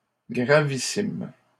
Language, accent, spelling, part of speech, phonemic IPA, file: French, Canada, gravissime, adjective, /ɡʁa.vi.sim/, LL-Q150 (fra)-gravissime.wav
- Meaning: very important, very serious, very grave